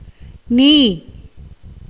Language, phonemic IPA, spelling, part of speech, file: Tamil, /niː/, நீ, character / pronoun / verb, Ta-நீ.ogg
- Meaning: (character) the alphasyllabic compound of ந் (n) + ஈ (ī); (pronoun) you; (verb) 1. to separate from 2. to leave, forsake, abandon 3. to renounce (as the world) 4. to put away, reject, discard